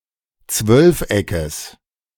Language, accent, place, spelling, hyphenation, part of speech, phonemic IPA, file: German, Germany, Berlin, Zwölfeckes, Zwölf‧eckes, noun, /ˈt͡svœlfˌ.ɛkəs/, De-Zwölfeckes.ogg
- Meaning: genitive singular of Zwölfeck